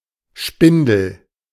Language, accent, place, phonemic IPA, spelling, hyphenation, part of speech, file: German, Germany, Berlin, /ˈʃpɪndl̩/, Spindel, Spin‧del, noun, De-Spindel.ogg
- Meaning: 1. spindle 2. fusil